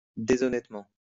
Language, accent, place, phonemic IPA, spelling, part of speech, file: French, France, Lyon, /de.zɔ.nɛt.mɑ̃/, déshonnêtement, adverb, LL-Q150 (fra)-déshonnêtement.wav
- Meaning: dishonestly